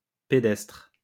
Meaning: 1. walking (of e.g. an animal, that moves by walking) 2. representing someone walking 3. pedestrian (simple) 4. walking, involving walking, on foot
- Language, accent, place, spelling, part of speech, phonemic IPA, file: French, France, Lyon, pédestre, adjective, /pe.dɛstʁ/, LL-Q150 (fra)-pédestre.wav